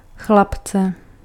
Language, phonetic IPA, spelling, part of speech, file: Czech, [ˈxlapt͡sɛ], chlapce, noun, Cs-chlapce.ogg
- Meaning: inflection of chlapec: 1. genitive/accusative singular 2. accusative plural